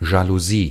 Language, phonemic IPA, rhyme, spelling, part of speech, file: German, /ˌʒaluˈziː/, -iː, Jalousie, noun, De-Jalousie.ogg
- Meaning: roller blind, window blind, Venetian blind (indoor blind consisting of parallel stripes or slats)